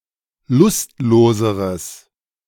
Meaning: strong/mixed nominative/accusative neuter singular comparative degree of lustlos
- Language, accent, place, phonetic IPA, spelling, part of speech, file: German, Germany, Berlin, [ˈlʊstˌloːzəʁəs], lustloseres, adjective, De-lustloseres.ogg